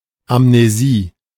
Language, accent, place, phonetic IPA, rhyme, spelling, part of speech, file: German, Germany, Berlin, [amneˈziː], -iː, Amnesie, noun, De-Amnesie.ogg
- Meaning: amnesia